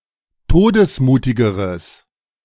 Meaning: strong/mixed nominative/accusative neuter singular comparative degree of todesmutig
- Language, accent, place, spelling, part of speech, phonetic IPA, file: German, Germany, Berlin, todesmutigeres, adjective, [ˈtoːdəsˌmuːtɪɡəʁəs], De-todesmutigeres.ogg